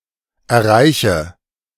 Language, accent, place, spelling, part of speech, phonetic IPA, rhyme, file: German, Germany, Berlin, erreiche, verb, [ɛɐ̯ˈʁaɪ̯çə], -aɪ̯çə, De-erreiche.ogg
- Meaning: inflection of erreichen: 1. first-person singular present 2. singular imperative 3. first/third-person singular subjunctive I